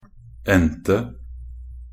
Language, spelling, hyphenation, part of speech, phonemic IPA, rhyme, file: Norwegian Bokmål, endte, end‧te, verb, /ˈɛntə/, -ɛntə, Nb-endte.ogg
- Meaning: past of ende